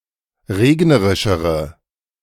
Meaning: inflection of regnerisch: 1. strong/mixed nominative/accusative feminine singular comparative degree 2. strong nominative/accusative plural comparative degree
- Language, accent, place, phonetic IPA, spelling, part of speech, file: German, Germany, Berlin, [ˈʁeːɡnəʁɪʃəʁə], regnerischere, adjective, De-regnerischere.ogg